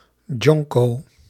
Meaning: joint
- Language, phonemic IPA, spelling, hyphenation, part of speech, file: Dutch, /ˈdʒɔŋ.koː/, jonko, jon‧ko, noun, Nl-jonko.ogg